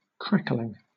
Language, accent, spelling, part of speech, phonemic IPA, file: English, Southern England, crackling, noun / adjective / verb, /ˈkɹæk(ə)lɪŋ/, LL-Q1860 (eng)-crackling.wav
- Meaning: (noun) 1. Fat that, after roasting a joint, hardens and crispens 2. The crispy rind of roast pork 3. A crispy, fried skin or rind, especially of pork